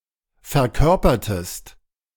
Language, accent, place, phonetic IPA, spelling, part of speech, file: German, Germany, Berlin, [fɛɐ̯ˈkœʁpɐtəst], verkörpertest, verb, De-verkörpertest.ogg
- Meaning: inflection of verkörpern: 1. second-person singular preterite 2. second-person singular subjunctive II